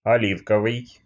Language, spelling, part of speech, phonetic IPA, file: Russian, оливковый, adjective, [ɐˈlʲifkəvɨj], Ru-оливковый.ogg
- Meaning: 1. olive 2. olive-green, olivaceous (color/colour)